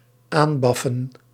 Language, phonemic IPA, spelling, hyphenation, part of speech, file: Dutch, /ˈaːnˌbɑ.fə(n)/, aanbaffen, aan‧baf‧fen, verb, Nl-aanbaffen.ogg
- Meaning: obsolete form of aanblaffen (both senses)